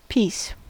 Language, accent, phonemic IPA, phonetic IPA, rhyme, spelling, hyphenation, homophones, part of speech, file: English, General American, /ˈpiːs/, [ˈpʰɪi̯s], -iːs, peace, peace, piece, noun / interjection / verb, En-us-peace.ogg
- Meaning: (noun) 1. A state of tranquility, quiet, and harmony. For instance, a state free from civil disturbance 2. A feeling of tranquility, free from oppressive and unpleasant thoughts and emotions 3. Death